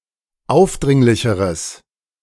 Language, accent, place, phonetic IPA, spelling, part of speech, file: German, Germany, Berlin, [ˈaʊ̯fˌdʁɪŋlɪçəʁəs], aufdringlicheres, adjective, De-aufdringlicheres.ogg
- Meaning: strong/mixed nominative/accusative neuter singular comparative degree of aufdringlich